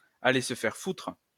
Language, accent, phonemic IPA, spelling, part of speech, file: French, France, /a.le s(ə) fɛʁ futʁ/, aller se faire foutre, verb, LL-Q150 (fra)-aller se faire foutre.wav
- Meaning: to go fuck oneself